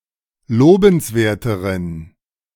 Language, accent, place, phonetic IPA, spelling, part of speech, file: German, Germany, Berlin, [ˈloːbn̩sˌveːɐ̯təʁən], lobenswerteren, adjective, De-lobenswerteren.ogg
- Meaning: inflection of lobenswert: 1. strong genitive masculine/neuter singular comparative degree 2. weak/mixed genitive/dative all-gender singular comparative degree